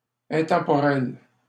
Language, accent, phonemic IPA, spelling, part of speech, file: French, Canada, /ɛ̃.tɑ̃.pɔ.ʁɛl/, intemporel, adjective, LL-Q150 (fra)-intemporel.wav
- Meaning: timeless